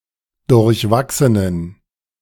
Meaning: inflection of durchwachsen: 1. strong genitive masculine/neuter singular 2. weak/mixed genitive/dative all-gender singular 3. strong/weak/mixed accusative masculine singular 4. strong dative plural
- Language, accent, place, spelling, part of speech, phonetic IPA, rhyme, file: German, Germany, Berlin, durchwachsenen, adjective, [dʊʁçˈvaksənən], -aksənən, De-durchwachsenen.ogg